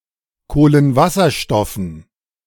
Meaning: dative plural of Kohlenwasserstoff
- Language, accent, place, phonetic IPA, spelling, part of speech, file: German, Germany, Berlin, [ˌkoːlənˈvasɐʃtɔfn̩], Kohlenwasserstoffen, noun, De-Kohlenwasserstoffen.ogg